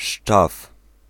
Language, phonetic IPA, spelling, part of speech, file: Polish, [ʃt͡ʃaf], szczaw, noun, Pl-szczaw.ogg